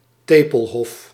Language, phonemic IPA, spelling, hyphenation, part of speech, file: Dutch, /ˈteː.pəlˌɦɔf/, tepelhof, te‧pel‧hof, noun, Nl-tepelhof.ogg
- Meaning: areola